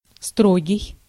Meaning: severe, strict, austere, stern
- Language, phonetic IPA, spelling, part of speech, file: Russian, [ˈstroɡʲɪj], строгий, adjective, Ru-строгий.ogg